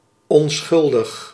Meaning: innocent
- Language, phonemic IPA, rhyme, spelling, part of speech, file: Dutch, /ɔnˈsxʏl.dəx/, -ʏldəx, onschuldig, adjective, Nl-onschuldig.ogg